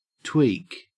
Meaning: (verb) 1. To pinch and pull with a sudden jerk and twist; to twitch 2. To adjust slightly; to fine-tune
- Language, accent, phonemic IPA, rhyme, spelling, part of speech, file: English, Australia, /twiːk/, -iːk, tweak, verb / noun, En-au-tweak.ogg